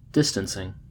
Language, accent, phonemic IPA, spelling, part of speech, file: English, US, /ˈdɪstənsɪŋ/, distancing, verb / noun, En-us-distancing.ogg
- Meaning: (verb) present participle and gerund of distance; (noun) 1. The process of becoming or making distant 2. Ellipsis of social distancing